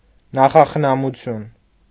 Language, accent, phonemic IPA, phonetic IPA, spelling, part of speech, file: Armenian, Eastern Armenian, /nɑχɑχənɑmuˈtʰjun/, [nɑχɑχənɑmut͡sʰjún], նախախնամություն, noun, Hy-նախախնամություն.ogg
- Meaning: providence